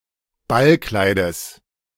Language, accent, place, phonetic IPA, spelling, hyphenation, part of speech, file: German, Germany, Berlin, [ˈbalˌklaɪ̯dəs], Ballkleides, Ball‧klei‧des, noun, De-Ballkleides.ogg
- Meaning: genitive singular of Ballkleid